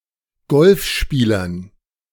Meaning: dative plural of Golfspieler
- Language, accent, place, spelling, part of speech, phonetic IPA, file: German, Germany, Berlin, Golfspielern, noun, [ˈɡɔlfˌʃpiːlɐn], De-Golfspielern.ogg